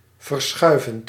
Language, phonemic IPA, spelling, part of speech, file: Dutch, /vərˈsxœy̯vənt/, verschuivend, verb, Nl-verschuivend.ogg
- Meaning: present participle of verschuiven